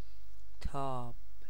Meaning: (verb) present stem form of تافتن (tâftan, “to glow, to be warm”); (noun) 1. heat, warmth 2. glow, radiance 3. burning, illumination
- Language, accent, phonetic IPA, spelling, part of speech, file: Persian, Iran, [t̪ʰɒːb̥], تاب, verb / noun, Fa-تاب.ogg